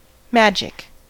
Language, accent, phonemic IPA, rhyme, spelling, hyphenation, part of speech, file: English, US, /ˈmæd͡ʒɪk/, -ædʒɪk, magic, mag‧ic, noun / adjective / verb, En-us-magic.ogg
- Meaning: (noun) The application of rituals or actions, especially those based on occult knowledge, to subdue or manipulate natural or supernatural beings and forces in order to have some benefit from them